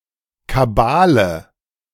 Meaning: 1. intrigue, deceit 2. cabal
- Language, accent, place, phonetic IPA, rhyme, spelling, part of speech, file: German, Germany, Berlin, [kaˈbaːlə], -aːlə, Kabale, noun, De-Kabale.ogg